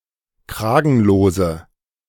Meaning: inflection of kragenlos: 1. strong/mixed nominative/accusative feminine singular 2. strong nominative/accusative plural 3. weak nominative all-gender singular
- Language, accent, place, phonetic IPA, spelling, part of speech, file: German, Germany, Berlin, [ˈkʁaːɡn̩loːzə], kragenlose, adjective, De-kragenlose.ogg